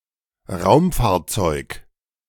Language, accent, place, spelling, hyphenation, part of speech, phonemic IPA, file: German, Germany, Berlin, Raumfahrzeug, Raum‧fahr‧zeug, noun, /ˈʁaʊ̯mfaːɐ̯ˌt͡sɔɪ̯k/, De-Raumfahrzeug.ogg
- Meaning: spacecraft